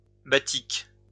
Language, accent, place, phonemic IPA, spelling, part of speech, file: French, France, Lyon, /ba.tik/, batik, noun, LL-Q150 (fra)-batik.wav
- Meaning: batik